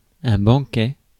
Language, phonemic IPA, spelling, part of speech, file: French, /bɑ̃.kɛ/, banquet, noun, Fr-banquet.ogg
- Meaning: banquet